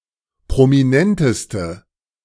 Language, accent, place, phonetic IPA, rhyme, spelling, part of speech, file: German, Germany, Berlin, [pʁomiˈnɛntəstə], -ɛntəstə, prominenteste, adjective, De-prominenteste.ogg
- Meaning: inflection of prominent: 1. strong/mixed nominative/accusative feminine singular superlative degree 2. strong nominative/accusative plural superlative degree